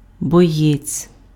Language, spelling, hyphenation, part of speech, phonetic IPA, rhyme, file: Ukrainian, боєць, бо‧єць, noun, [bɔˈjɛt͡sʲ], -ɛt͡sʲ, Uk-боєць.ogg
- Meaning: fighter (person who fights)